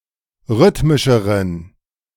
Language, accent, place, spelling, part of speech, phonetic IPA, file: German, Germany, Berlin, rhythmischeren, adjective, [ˈʁʏtmɪʃəʁən], De-rhythmischeren.ogg
- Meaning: inflection of rhythmisch: 1. strong genitive masculine/neuter singular comparative degree 2. weak/mixed genitive/dative all-gender singular comparative degree